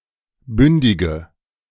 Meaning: inflection of bündig: 1. strong/mixed nominative/accusative feminine singular 2. strong nominative/accusative plural 3. weak nominative all-gender singular 4. weak accusative feminine/neuter singular
- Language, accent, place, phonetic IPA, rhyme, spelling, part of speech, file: German, Germany, Berlin, [ˈbʏndɪɡə], -ʏndɪɡə, bündige, adjective, De-bündige.ogg